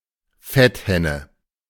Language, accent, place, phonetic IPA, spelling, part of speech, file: German, Germany, Berlin, [ˈfɛtˌhɛnə], Fetthenne, noun, De-Fetthenne.ogg
- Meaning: stonecrop (Sedum gen. et spp.)